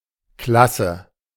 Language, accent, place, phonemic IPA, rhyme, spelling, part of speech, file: German, Germany, Berlin, /ˈklasə/, -asə, klasse, adjective, De-klasse.ogg
- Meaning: great, awesome